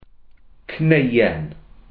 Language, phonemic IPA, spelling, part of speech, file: Welsh, /ˈknei̯.ɛn/, cneuen, noun, Cy-cneuen.ogg
- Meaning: singulative of cnau (“nuts”)